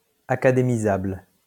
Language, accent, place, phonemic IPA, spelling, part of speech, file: French, France, Lyon, /a.ka.de.mi.zabl/, académisable, adjective, LL-Q150 (fra)-académisable.wav
- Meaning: able to be admitted to the Académie française